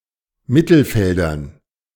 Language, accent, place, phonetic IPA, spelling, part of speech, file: German, Germany, Berlin, [ˈmɪtl̩ˌfɛldɐn], Mittelfeldern, noun, De-Mittelfeldern.ogg
- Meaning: dative plural of Mittelfeld